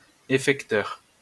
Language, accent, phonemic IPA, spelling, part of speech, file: French, France, /e.fɛk.tœʁ/, effecteur, noun, LL-Q150 (fra)-effecteur.wav
- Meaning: effector (all senses)